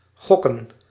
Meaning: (verb) 1. to gamble 2. to guess, hazard a guess; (noun) plural of gok
- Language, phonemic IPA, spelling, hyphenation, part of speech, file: Dutch, /ˈɣɔ.kə(n)/, gokken, gok‧ken, verb / noun, Nl-gokken.ogg